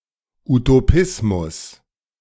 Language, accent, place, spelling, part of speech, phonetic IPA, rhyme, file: German, Germany, Berlin, Utopismus, noun, [utoˈpɪsmʊs], -ɪsmʊs, De-Utopismus.ogg
- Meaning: 1. utopianism 2. utopian belief, ideal